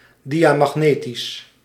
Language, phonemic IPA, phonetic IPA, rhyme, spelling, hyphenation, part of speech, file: Dutch, /ˌdi.aː.mɑxˈneː.tis/, [ˌdi.ja.mɑxˈneː.tis], -eːtis, diamagnetisch, dia‧mag‧ne‧tisch, adjective, Nl-diamagnetisch.ogg
- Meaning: diamagnetic